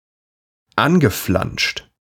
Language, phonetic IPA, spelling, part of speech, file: German, [ˈanɡəˌflanʃt], angeflanscht, adjective / verb, De-angeflanscht.ogg
- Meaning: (verb) past participle of anflanschen; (adjective) flanged